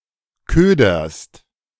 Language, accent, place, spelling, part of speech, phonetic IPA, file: German, Germany, Berlin, köderst, verb, [ˈkøːdɐst], De-köderst.ogg
- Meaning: second-person singular present of ködern